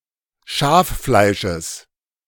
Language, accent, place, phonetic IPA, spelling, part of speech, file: German, Germany, Berlin, [ˈʃaːfˌflaɪ̯ʃəs], Schaffleisches, noun, De-Schaffleisches.ogg
- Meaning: genitive of Schaffleisch